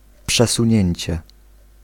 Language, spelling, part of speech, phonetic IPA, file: Polish, przesunięcie, noun, [ˌpʃɛsũˈɲɛ̇̃ɲt͡ɕɛ], Pl-przesunięcie.ogg